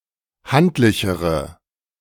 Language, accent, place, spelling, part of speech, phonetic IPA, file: German, Germany, Berlin, handlichere, adjective, [ˈhantlɪçəʁə], De-handlichere.ogg
- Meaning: inflection of handlich: 1. strong/mixed nominative/accusative feminine singular comparative degree 2. strong nominative/accusative plural comparative degree